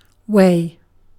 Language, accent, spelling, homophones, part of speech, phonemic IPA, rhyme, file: English, Received Pronunciation, way, Wei / weigh / wey, noun / interjection / verb / adverb / adjective, /weɪ/, -eɪ, En-uk-way.ogg
- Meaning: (noun) To do with a place or places.: 1. A road, a direction, a (physical or conceptual) path from one place to another 2. A means to enter or leave a place 3. A roughly-defined geographical area